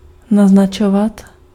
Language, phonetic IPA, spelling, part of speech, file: Czech, [ˈnaznat͡ʃovat], naznačovat, verb, Cs-naznačovat.ogg
- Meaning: imperfective form of naznačit